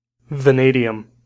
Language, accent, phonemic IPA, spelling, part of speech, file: English, US, /vəˈneɪdi.əm/, vanadium, noun, En-us-vanadium.ogg
- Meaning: 1. A chemical element (symbol V) with atomic number 23; it is a transition metal, used in the production of special steels 2. An atom of this element